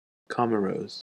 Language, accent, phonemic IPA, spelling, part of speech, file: English, US, /ˈkɒm.ə.ɹoʊz/, Comoros, proper noun, En-us-Comoros.ogg
- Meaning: A country and group of islands in the Indian Ocean off the coast of East Africa. Official name: Union of the Comoros